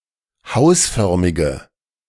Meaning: inflection of hausförmig: 1. strong/mixed nominative/accusative feminine singular 2. strong nominative/accusative plural 3. weak nominative all-gender singular
- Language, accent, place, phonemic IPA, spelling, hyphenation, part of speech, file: German, Germany, Berlin, /ˈhaʊ̯sˌfœʁmɪɡə/, hausförmige, haus‧för‧mi‧ge, adjective, De-hausförmige.ogg